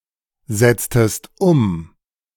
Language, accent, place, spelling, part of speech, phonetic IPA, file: German, Germany, Berlin, setztest um, verb, [ˌzɛt͡stəst ˈʊm], De-setztest um.ogg
- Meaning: inflection of umsetzen: 1. second-person singular preterite 2. second-person singular subjunctive II